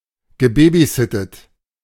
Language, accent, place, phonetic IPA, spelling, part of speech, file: German, Germany, Berlin, [ɡəˈbeːbiˌzɪtət], gebabysittet, verb, De-gebabysittet.ogg
- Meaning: past participle of babysitten